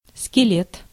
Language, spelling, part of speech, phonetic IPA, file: Russian, скелет, noun, [skʲɪˈlʲet], Ru-скелет.ogg
- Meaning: skeleton